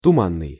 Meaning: 1. fog 2. foggy, misty 3. obscure, nebulous, vague, unclear
- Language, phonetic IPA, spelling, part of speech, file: Russian, [tʊˈmanːɨj], туманный, adjective, Ru-туманный.ogg